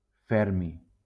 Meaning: fermium
- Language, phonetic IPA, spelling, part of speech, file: Catalan, [ˈfɛɾ.mi], fermi, noun, LL-Q7026 (cat)-fermi.wav